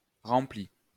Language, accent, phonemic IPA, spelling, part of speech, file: French, France, /ʁɑ̃.pli/, rempli, verb / adjective, LL-Q150 (fra)-rempli.wav
- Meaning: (verb) past participle of remplir; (adjective) 1. filled 2. filled (having another tincture than its own covering the greater part)